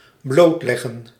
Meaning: to lay bare, to expose, to uncover
- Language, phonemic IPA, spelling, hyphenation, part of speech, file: Dutch, /ˈbloːtlɛɣə(n)/, blootleggen, bloot‧leg‧gen, verb, Nl-blootleggen.ogg